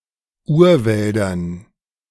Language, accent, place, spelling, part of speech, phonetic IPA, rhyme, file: German, Germany, Berlin, Urwäldern, noun, [ˈuːɐ̯ˌvɛldɐn], -uːɐ̯vɛldɐn, De-Urwäldern.ogg
- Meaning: dative plural of Urwald